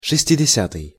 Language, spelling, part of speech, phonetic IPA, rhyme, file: Russian, шестидесятый, adjective, [ʂɨsʲtʲɪdʲɪˈsʲatɨj], -atɨj, Ru-шестидесятый.ogg
- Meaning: sixtieth